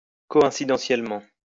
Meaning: coincidentally
- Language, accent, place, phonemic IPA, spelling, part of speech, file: French, France, Lyon, /kɔ.ɛ̃.si.dɑ̃.sjɛl.mɑ̃/, coïncidentiellement, adverb, LL-Q150 (fra)-coïncidentiellement.wav